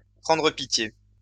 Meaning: to take pity
- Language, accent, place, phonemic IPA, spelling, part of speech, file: French, France, Lyon, /pʁɑ̃.dʁə pi.tje/, prendre pitié, verb, LL-Q150 (fra)-prendre pitié.wav